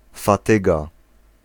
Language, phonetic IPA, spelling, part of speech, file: Polish, [faˈtɨɡa], fatyga, noun, Pl-fatyga.ogg